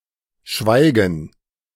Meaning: silence (the lack of any sound or the lack of spoken communication)
- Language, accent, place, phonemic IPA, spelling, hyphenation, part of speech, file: German, Germany, Berlin, /ˈʃvaɪɡən/, Schweigen, Schwei‧gen, noun, De-Schweigen.ogg